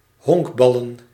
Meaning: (verb) to play baseball; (noun) plural of honkbal
- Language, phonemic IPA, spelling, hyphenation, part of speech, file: Dutch, /ˈɦɔŋkˌbɑ.lə(n)/, honkballen, honk‧bal‧len, verb / noun, Nl-honkballen.ogg